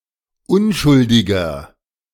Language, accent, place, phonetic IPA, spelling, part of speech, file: German, Germany, Berlin, [ˈʊnʃʊldɪɡɐ], unschuldiger, adjective, De-unschuldiger.ogg
- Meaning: 1. comparative degree of unschuldig 2. inflection of unschuldig: strong/mixed nominative masculine singular 3. inflection of unschuldig: strong genitive/dative feminine singular